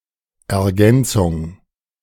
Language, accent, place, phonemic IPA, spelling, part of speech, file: German, Germany, Berlin, /ɛɐ̯ˈɡɛnt͡sʊŋ/, Ergänzung, noun, De-Ergänzung.ogg
- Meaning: 1. supplement, addition, complement, supplementation 2. object, complement